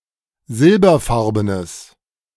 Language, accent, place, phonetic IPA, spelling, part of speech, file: German, Germany, Berlin, [ˈzɪlbɐˌfaʁbənəs], silberfarbenes, adjective, De-silberfarbenes.ogg
- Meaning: strong/mixed nominative/accusative neuter singular of silberfarben